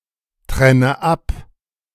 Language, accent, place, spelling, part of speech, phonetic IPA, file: German, Germany, Berlin, trenne ab, verb, [ˌtʁɛnə ˈap], De-trenne ab.ogg
- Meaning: inflection of abtrennen: 1. first-person singular present 2. first/third-person singular subjunctive I 3. singular imperative